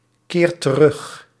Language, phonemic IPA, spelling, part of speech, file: Dutch, /ˈkert t(ə)ˈrʏx/, keert terug, verb, Nl-keert terug.ogg
- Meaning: inflection of terugkeren: 1. second/third-person singular present indicative 2. plural imperative